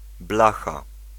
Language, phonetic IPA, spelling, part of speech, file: Polish, [ˈblaxa], blacha, noun, Pl-blacha.ogg